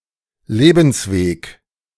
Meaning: life, life's journey
- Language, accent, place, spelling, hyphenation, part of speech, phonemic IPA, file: German, Germany, Berlin, Lebensweg, Le‧bens‧weg, noun, /ˈleːbənsˌveːk/, De-Lebensweg.ogg